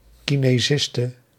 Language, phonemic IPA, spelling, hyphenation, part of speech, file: Dutch, /ˌkineˈzɪstə/, kinesiste, ki‧ne‧sis‧te, noun, Nl-kinesiste.ogg
- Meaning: female physiotherapist